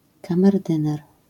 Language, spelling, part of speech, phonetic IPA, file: Polish, kamerdyner, noun, [ˌkãmɛrˈdɨ̃nɛr], LL-Q809 (pol)-kamerdyner.wav